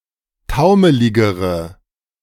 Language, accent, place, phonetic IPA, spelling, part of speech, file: German, Germany, Berlin, [ˈtaʊ̯məlɪɡəʁə], taumeligere, adjective, De-taumeligere.ogg
- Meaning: inflection of taumelig: 1. strong/mixed nominative/accusative feminine singular comparative degree 2. strong nominative/accusative plural comparative degree